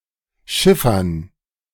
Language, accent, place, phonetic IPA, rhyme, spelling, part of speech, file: German, Germany, Berlin, [ˈʃɪfɐn], -ɪfɐn, Schiffern, noun, De-Schiffern.ogg
- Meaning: plural of Schiffer